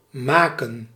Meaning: 1. to make, create, prepare 2. to fix, to repair, to mend 3. to make, cause to become 4. Translated with to do with
- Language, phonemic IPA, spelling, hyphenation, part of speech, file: Dutch, /ˈmaːkə(n)/, maken, ma‧ken, verb, Nl-maken.ogg